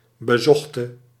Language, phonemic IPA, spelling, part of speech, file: Dutch, /bəˈzɔxtə/, bezochte, verb / adjective, Nl-bezochte.ogg
- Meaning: singular past subjunctive of bezoeken